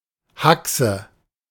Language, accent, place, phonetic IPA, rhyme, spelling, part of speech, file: German, Germany, Berlin, [ˈhaksə], -aksə, Hachse, noun, De-Hachse.ogg
- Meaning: 1. hock, shank, knuckle 2. leg